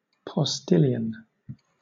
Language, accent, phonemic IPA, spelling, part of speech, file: English, Southern England, /pɒˈstɪlɪən/, postilion, noun, LL-Q1860 (eng)-postilion.wav
- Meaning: 1. A rider mounted on the near (left) leading horse who guides the team pulling a carriage 2. A post-boy, a messenger boy, a swift letter carrier